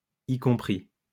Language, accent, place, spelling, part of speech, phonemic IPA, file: French, France, Lyon, y compris, preposition, /i kɔ̃.pʁi/, LL-Q150 (fra)-y compris.wav
- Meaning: including (being part of the group or topic just mentioned)